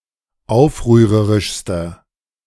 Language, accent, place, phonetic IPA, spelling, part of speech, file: German, Germany, Berlin, [ˈaʊ̯fʁyːʁəʁɪʃstɐ], aufrührerischster, adjective, De-aufrührerischster.ogg
- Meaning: inflection of aufrührerisch: 1. strong/mixed nominative masculine singular superlative degree 2. strong genitive/dative feminine singular superlative degree